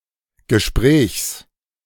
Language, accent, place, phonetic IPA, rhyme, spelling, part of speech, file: German, Germany, Berlin, [ɡəˈʃpʁɛːçs], -ɛːçs, Gesprächs, noun, De-Gesprächs.ogg
- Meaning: genitive singular of Gespräch